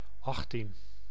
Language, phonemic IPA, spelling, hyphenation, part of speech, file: Dutch, /ˈɑx.tin/, achttien, acht‧tien, numeral, Nl-achttien.ogg
- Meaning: eighteen